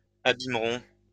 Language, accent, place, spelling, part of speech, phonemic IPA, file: French, France, Lyon, abîmeront, verb, /a.bim.ʁɔ̃/, LL-Q150 (fra)-abîmeront.wav
- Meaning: third-person plural simple future of abîmer